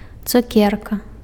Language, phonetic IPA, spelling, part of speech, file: Belarusian, [t͡suˈkʲerka], цукерка, noun, Be-цукерка.ogg
- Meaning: candy; sweet